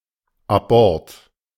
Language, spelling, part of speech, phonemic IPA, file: German, Abort, noun, /aˈbɔʁt/, De-Abort.ogg
- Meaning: miscarriage, spontaneous abortion, abort